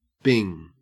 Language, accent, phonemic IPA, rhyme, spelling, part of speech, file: English, Australia, /bɪŋ/, -ɪŋ, bing, noun / verb / interjection, En-au-bing.ogg
- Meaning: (noun) 1. Solitary confinement 2. A slag heap, i.e. a man-made mound or heap formed with the waste material (slag) as a by-product of coal mining or the shale oil industry